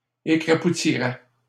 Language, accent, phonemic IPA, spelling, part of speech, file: French, Canada, /e.kʁa.pu.ti.ʁɛ/, écrapoutirais, verb, LL-Q150 (fra)-écrapoutirais.wav
- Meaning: first/second-person singular conditional of écrapoutir